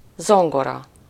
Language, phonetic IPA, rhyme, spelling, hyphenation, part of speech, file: Hungarian, [ˈzoŋɡorɒ], -rɒ, zongora, zon‧go‧ra, noun, Hu-zongora.ogg
- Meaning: piano (percussive keyboard musical instrument, usually ranging over seven octaves, with white- and black-colored keys, played by pressing these keys, causing hammers to strike strings)